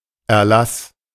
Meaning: 1. decree 2. remission, exemption, waiver
- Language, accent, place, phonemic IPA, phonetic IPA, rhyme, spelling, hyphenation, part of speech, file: German, Germany, Berlin, /ɛrˈlas/, [ɛɐ̯ˈlas], -as, Erlass, Er‧lass, noun, De-Erlass.ogg